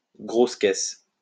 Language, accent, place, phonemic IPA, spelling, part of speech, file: French, France, Lyon, /ɡʁos kɛs/, grosse caisse, noun, LL-Q150 (fra)-grosse caisse.wav
- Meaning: bass drum